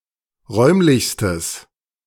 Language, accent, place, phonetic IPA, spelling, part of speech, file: German, Germany, Berlin, [ˈʁɔɪ̯mlɪçstəs], räumlichstes, adjective, De-räumlichstes.ogg
- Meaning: strong/mixed nominative/accusative neuter singular superlative degree of räumlich